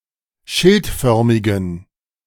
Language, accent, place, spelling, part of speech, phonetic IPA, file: German, Germany, Berlin, schildförmigen, adjective, [ˈʃɪltˌfœʁmɪɡn̩], De-schildförmigen.ogg
- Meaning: inflection of schildförmig: 1. strong genitive masculine/neuter singular 2. weak/mixed genitive/dative all-gender singular 3. strong/weak/mixed accusative masculine singular 4. strong dative plural